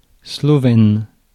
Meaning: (noun) Slovenian, the Slovenian language; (adjective) Slovenian
- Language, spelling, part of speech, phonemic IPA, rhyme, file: French, slovène, noun / adjective, /slɔ.vɛn/, -ɛn, Fr-slovène.ogg